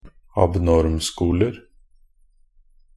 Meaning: indefinite plural of abnormskole
- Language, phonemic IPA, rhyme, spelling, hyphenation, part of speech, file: Norwegian Bokmål, /abˈnɔrmskuːlər/, -ər, abnormskoler, ab‧norm‧sko‧ler, noun, Nb-abnormskoler.ogg